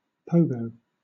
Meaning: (verb) 1. To use a pogo stick 2. To dance the pogo 3. To lift the front wheel of the bicycle in the air and jump up and down on the rear wheel while in a stationary position
- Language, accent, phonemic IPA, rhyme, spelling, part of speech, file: English, Southern England, /ˈpəʊɡəʊ/, -əʊɡəʊ, pogo, verb / noun, LL-Q1860 (eng)-pogo.wav